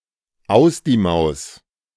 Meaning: Declares something as ended or out of the question, just as the life of the mouse in the mousetrap is irrevocably over. The rhyme has a reinforcing effect
- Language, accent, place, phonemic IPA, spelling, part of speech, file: German, Germany, Berlin, /ˈaʊ̯s diː ˈmaʊ̯s/, aus die Maus, phrase, De-aus die Maus.ogg